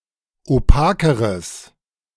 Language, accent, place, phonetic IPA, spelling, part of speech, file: German, Germany, Berlin, [oˈpaːkəʁəs], opakeres, adjective, De-opakeres.ogg
- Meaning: strong/mixed nominative/accusative neuter singular comparative degree of opak